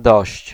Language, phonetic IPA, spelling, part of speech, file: Polish, [dɔɕt͡ɕ], dość, numeral / interjection, Pl-dość.ogg